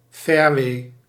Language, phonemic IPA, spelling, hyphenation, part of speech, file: Dutch, /ˈfɛːrwe/, fairway, fair‧way, noun, Nl-fairway.ogg
- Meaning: fairway: the area between the tee and the green, where the grass is cut short